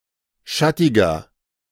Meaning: 1. comparative degree of schattig 2. inflection of schattig: strong/mixed nominative masculine singular 3. inflection of schattig: strong genitive/dative feminine singular
- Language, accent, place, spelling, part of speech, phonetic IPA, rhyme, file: German, Germany, Berlin, schattiger, adjective, [ˈʃatɪɡɐ], -atɪɡɐ, De-schattiger.ogg